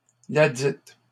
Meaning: feminine singular of ledit
- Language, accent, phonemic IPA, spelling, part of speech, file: French, Canada, /la.dit/, ladite, determiner, LL-Q150 (fra)-ladite.wav